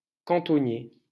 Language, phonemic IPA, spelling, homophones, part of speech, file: French, /kɑ̃.tɔ.nje/, cantonnier, Cantonnier / cantonniers / Cantonniers, noun / adjective, LL-Q150 (fra)-cantonnier.wav
- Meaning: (noun) 1. roadman, roadmender 2. trackman (railways); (adjective) of the Eastern Townships (historical administrative region in southeast Quebec)